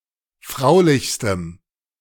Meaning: strong dative masculine/neuter singular superlative degree of fraulich
- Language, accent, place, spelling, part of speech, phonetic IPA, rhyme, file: German, Germany, Berlin, fraulichstem, adjective, [ˈfʁaʊ̯lɪçstəm], -aʊ̯lɪçstəm, De-fraulichstem.ogg